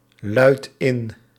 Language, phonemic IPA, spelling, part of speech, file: Dutch, /ˈlœyt ˈɪn/, luidt in, verb, Nl-luidt in.ogg
- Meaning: inflection of inluiden: 1. second/third-person singular present indicative 2. plural imperative